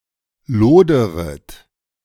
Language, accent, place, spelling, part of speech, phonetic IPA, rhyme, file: German, Germany, Berlin, loderet, verb, [ˈloːdəʁət], -oːdəʁət, De-loderet.ogg
- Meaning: second-person plural subjunctive I of lodern